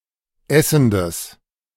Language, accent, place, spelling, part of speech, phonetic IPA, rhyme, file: German, Germany, Berlin, essendes, adjective, [ˈɛsn̩dəs], -ɛsn̩dəs, De-essendes.ogg
- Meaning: strong/mixed nominative/accusative neuter singular of essend